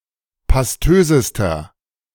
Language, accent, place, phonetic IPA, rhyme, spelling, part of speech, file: German, Germany, Berlin, [pasˈtøːzəstɐ], -øːzəstɐ, pastösester, adjective, De-pastösester.ogg
- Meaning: inflection of pastös: 1. strong/mixed nominative masculine singular superlative degree 2. strong genitive/dative feminine singular superlative degree 3. strong genitive plural superlative degree